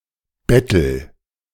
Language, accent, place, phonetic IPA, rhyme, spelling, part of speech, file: German, Germany, Berlin, [ˈbɛtl̩], -ɛtl̩, bettel, verb, De-bettel.ogg
- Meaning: inflection of betteln: 1. first-person singular present 2. singular imperative